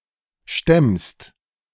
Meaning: second-person singular present of stemmen
- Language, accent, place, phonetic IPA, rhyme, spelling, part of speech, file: German, Germany, Berlin, [ʃtɛmst], -ɛmst, stemmst, verb, De-stemmst.ogg